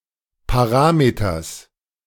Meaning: genitive singular of Parameter
- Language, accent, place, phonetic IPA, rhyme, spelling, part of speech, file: German, Germany, Berlin, [paˈʁaːmetɐs], -aːmetɐs, Parameters, noun, De-Parameters.ogg